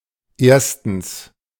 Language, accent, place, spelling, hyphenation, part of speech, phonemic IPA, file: German, Germany, Berlin, erstens, ers‧tens, adverb, /ˈeːɐ̯stns/, De-erstens.ogg
- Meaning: first, firstly, in the first place